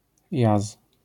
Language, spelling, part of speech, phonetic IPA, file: Polish, jaz, noun, [jas], LL-Q809 (pol)-jaz.wav